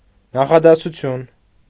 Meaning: sentence
- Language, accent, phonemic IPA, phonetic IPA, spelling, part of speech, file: Armenian, Eastern Armenian, /nɑχɑdɑsuˈtʰjun/, [nɑχɑdɑsut͡sʰjún], նախադասություն, noun, Hy-նախադասություն.ogg